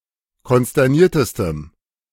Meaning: strong dative masculine/neuter singular superlative degree of konsterniert
- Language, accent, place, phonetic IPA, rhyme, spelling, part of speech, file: German, Germany, Berlin, [kɔnstɛʁˈniːɐ̯təstəm], -iːɐ̯təstəm, konsterniertestem, adjective, De-konsterniertestem.ogg